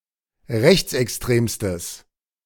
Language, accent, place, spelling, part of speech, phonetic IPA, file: German, Germany, Berlin, rechtsextremstes, adjective, [ˈʁɛçt͡sʔɛksˌtʁeːmstəs], De-rechtsextremstes.ogg
- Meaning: strong/mixed nominative/accusative neuter singular superlative degree of rechtsextrem